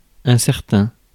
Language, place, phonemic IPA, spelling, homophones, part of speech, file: French, Paris, /ɛ̃.sɛʁ.tɛ̃/, incertain, incertains, adjective, Fr-incertain.ogg
- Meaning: uncertain; unsure